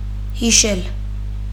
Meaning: to remember; to recall
- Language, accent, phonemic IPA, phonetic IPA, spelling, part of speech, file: Armenian, Eastern Armenian, /hiˈʃel/, [hiʃél], հիշել, verb, Hy-հիշել.ogg